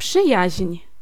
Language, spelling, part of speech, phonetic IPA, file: Polish, przyjaźń, noun, [ˈpʃɨjäɕɲ̊], Pl-przyjaźń.ogg